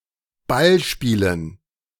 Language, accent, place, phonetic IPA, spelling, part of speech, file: German, Germany, Berlin, [ˈbalˌʃpiːlən], Ballspielen, noun, De-Ballspielen.ogg
- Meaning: dative plural of Ballspiel